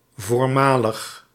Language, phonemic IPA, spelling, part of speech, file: Dutch, /vorˈmaləχ/, voormalig, adjective, Nl-voormalig.ogg
- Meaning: former